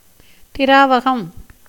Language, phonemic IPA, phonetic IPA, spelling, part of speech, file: Tamil, /t̪ɪɾɑːʋɐɡɐm/, [t̪ɪɾäːʋɐɡɐm], திராவகம், noun, Ta-திராவகம்.ogg
- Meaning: acid